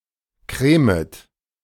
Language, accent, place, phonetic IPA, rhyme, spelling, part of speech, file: German, Germany, Berlin, [ˈkʁeːmət], -eːmət, cremet, verb, De-cremet.ogg
- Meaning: second-person plural subjunctive I of cremen